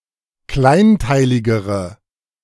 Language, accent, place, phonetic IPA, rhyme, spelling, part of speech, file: German, Germany, Berlin, [ˈklaɪ̯nˌtaɪ̯lɪɡəʁə], -aɪ̯ntaɪ̯lɪɡəʁə, kleinteiligere, adjective, De-kleinteiligere.ogg
- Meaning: inflection of kleinteilig: 1. strong/mixed nominative/accusative feminine singular comparative degree 2. strong nominative/accusative plural comparative degree